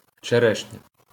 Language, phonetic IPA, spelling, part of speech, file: Ukrainian, [t͡ʃeˈrɛʃnʲɐ], черешня, noun, LL-Q8798 (ukr)-черешня.wav
- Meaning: cherry, sweet cherry (fruit, tree, or wood of the species Prunus avium)